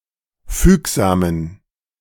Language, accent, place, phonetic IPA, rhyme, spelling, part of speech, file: German, Germany, Berlin, [ˈfyːkzaːmən], -yːkzaːmən, fügsamen, adjective, De-fügsamen.ogg
- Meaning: inflection of fügsam: 1. strong genitive masculine/neuter singular 2. weak/mixed genitive/dative all-gender singular 3. strong/weak/mixed accusative masculine singular 4. strong dative plural